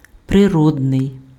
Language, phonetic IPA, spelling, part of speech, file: Ukrainian, [preˈrɔdnei̯], природний, adjective, Uk-природний.ogg
- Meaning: natural (pertaining to nature or occurring in nature)